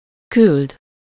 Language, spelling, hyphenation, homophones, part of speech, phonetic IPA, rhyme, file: Hungarian, küld, küld, küldd, verb, [ˈkyld], -yld, Hu-küld.ogg
- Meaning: to send (to make someone or something get somewhere; to someone: -nak/-nek)